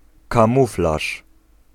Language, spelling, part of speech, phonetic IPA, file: Polish, kamuflaż, noun, [kãˈmuflaʃ], Pl-kamuflaż.ogg